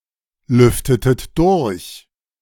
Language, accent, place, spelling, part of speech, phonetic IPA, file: German, Germany, Berlin, lüftetet durch, verb, [ˌlʏftətət ˈdʊʁç], De-lüftetet durch.ogg
- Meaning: inflection of durchlüften: 1. second-person plural preterite 2. second-person plural subjunctive II